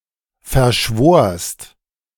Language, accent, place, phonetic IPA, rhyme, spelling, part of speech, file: German, Germany, Berlin, [fɛɐ̯ˈʃvoːɐ̯st], -oːɐ̯st, verschworst, verb, De-verschworst.ogg
- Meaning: second-person singular preterite of verschwören